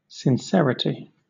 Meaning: The quality or state of being sincere
- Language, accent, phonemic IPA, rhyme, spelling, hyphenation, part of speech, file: English, Southern England, /sɪnˈsɛɹəti/, -ɛɹəti, sincerity, sin‧cer‧i‧ty, noun, LL-Q1860 (eng)-sincerity.wav